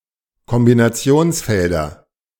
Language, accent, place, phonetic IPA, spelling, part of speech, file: German, Germany, Berlin, [kɔmbinaˈt͡si̯oːnsˌfɛldɐ], Kombinationsfelder, noun, De-Kombinationsfelder.ogg
- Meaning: nominative/accusative/genitive plural of Kombinationsfeld